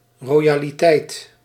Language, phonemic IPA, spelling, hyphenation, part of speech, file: Dutch, /ˌrojaliˈtɛit/, royaliteit, ro‧ya‧li‧teit, noun, Nl-royaliteit.ogg
- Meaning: generosity, munificence